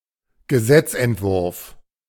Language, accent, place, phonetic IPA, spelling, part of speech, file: German, Germany, Berlin, [ɡəˈzɛt͡sʔɛntˌvʊʁf], Gesetzentwurf, noun, De-Gesetzentwurf.ogg
- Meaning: bill (draft law)